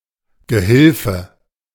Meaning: 1. a man who has passed a Gehilfenprüfung 2. male assistant, male associate, male aide, male adjunct 3. male abettor, male criminal associate
- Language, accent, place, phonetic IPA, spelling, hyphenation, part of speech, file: German, Germany, Berlin, [ɡəˈhɪlfə], Gehilfe, Ge‧hil‧fe, noun, De-Gehilfe.ogg